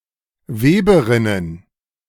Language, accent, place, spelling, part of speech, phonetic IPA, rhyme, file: German, Germany, Berlin, Weberinnen, noun, [ˈveːbəˌʁɪnən], -eːbəʁɪnən, De-Weberinnen.ogg
- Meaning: plural of Weberin